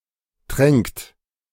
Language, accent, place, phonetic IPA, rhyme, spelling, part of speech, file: German, Germany, Berlin, [tʁɛŋkt], -ɛŋkt, tränkt, verb, De-tränkt.ogg
- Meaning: inflection of tränken: 1. third-person singular present 2. second-person plural present 3. plural imperative